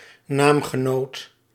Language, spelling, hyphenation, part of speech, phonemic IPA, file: Dutch, naamgenoot, naam‧ge‧noot, noun, /ˈnaːm.ɣəˌnoːt/, Nl-naamgenoot.ogg
- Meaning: namesake (person who shares the same name)